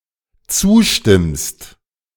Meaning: second-person singular dependent present of zustimmen
- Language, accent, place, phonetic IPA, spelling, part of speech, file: German, Germany, Berlin, [ˈt͡suːˌʃtɪmst], zustimmst, verb, De-zustimmst.ogg